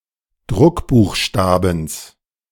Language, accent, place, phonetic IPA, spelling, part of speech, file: German, Germany, Berlin, [ˈdʁʊkbuːxˌʃtaːbn̩s], Druckbuchstabens, noun, De-Druckbuchstabens.ogg
- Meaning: genitive singular of Druckbuchstabe